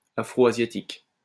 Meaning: Afroasiatic
- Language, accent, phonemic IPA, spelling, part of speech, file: French, France, /a.fʁo.a.zja.tik/, afro-asiatique, adjective, LL-Q150 (fra)-afro-asiatique.wav